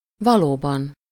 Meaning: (adverb) indeed, really, truly, actually; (noun) inessive singular of való
- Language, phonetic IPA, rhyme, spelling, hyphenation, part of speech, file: Hungarian, [ˈvɒloːbɒn], -ɒn, valóban, va‧ló‧ban, adverb / noun, Hu-valóban.ogg